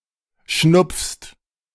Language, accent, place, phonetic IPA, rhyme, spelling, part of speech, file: German, Germany, Berlin, [ʃnʊp͡fst], -ʊp͡fst, schnupfst, verb, De-schnupfst.ogg
- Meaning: second-person singular present of schnupfen